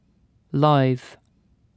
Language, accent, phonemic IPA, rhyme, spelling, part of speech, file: English, UK, /laɪð/, -aɪð, lithe, adjective / verb / noun, En-uk-lithe.ogg
- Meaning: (adjective) 1. Mild; calm 2. Slim but not skinny 3. Capable of being easily bent; flexible 4. Adaptable; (verb) To become calm